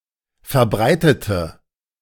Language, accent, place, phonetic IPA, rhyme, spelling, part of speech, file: German, Germany, Berlin, [fɛɐ̯ˈbʁaɪ̯tətə], -aɪ̯tətə, verbreitete, adjective, De-verbreitete.ogg
- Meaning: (verb) inflection of verbreitet: 1. strong/mixed nominative/accusative feminine singular 2. strong nominative/accusative plural 3. weak nominative all-gender singular